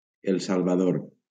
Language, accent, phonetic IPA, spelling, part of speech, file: Catalan, Valencia, [el sal.vaˈðoɾ], El Salvador, proper noun, LL-Q7026 (cat)-El Salvador.wav
- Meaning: El Salvador (a country in Central America)